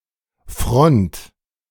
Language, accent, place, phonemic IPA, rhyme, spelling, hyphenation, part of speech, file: German, Germany, Berlin, /fʁɔnt/, -ɔnt, Front, Front, noun, De-Front.ogg
- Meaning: the front end or side of something